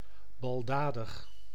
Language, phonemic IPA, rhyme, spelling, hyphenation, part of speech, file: Dutch, /ˌbɑlˈdaː.dəx/, -aːdəx, baldadig, bal‧da‧dig, adjective, Nl-baldadig.ogg
- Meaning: rowdy, boisterous, vandalous